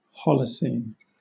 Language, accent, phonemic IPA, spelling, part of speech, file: English, Southern England, /ˈhɒl.əˌsiːn/, Holocene, adjective / proper noun, LL-Q1860 (eng)-Holocene.wav
- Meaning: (adjective) Of a geologic epoch within the Quaternary period from about the year 10 000 BC to the present; the age of man; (proper noun) The Holocene epoch